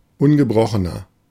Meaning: 1. comparative degree of ungebrochen 2. inflection of ungebrochen: strong/mixed nominative masculine singular 3. inflection of ungebrochen: strong genitive/dative feminine singular
- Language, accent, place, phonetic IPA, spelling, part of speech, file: German, Germany, Berlin, [ˈʊnɡəˌbʁɔxənɐ], ungebrochener, adjective, De-ungebrochener.ogg